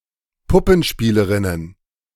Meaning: plural of Puppenspielerin
- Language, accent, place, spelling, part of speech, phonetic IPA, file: German, Germany, Berlin, Puppenspielerinnen, noun, [ˈpʊpn̩ˌʃpiːləʁɪnən], De-Puppenspielerinnen.ogg